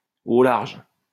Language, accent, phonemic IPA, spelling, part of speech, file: French, France, /o laʁʒ/, au large, adverb, LL-Q150 (fra)-au large.wav
- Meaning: offshore, out to sea